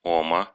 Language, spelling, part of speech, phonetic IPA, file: Russian, ома, noun, [ˈomə], Ru-о́ма.oga
- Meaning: genitive singular of ом (om)